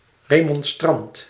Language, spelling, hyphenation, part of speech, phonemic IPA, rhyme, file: Dutch, remonstrant, re‧mon‧strant, noun, /ˌreː.mɔnˈstrɑnt/, -ɑnt, Nl-remonstrant.ogg
- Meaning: 1. Remonstrant (Arminian) 2. remonstrant, objector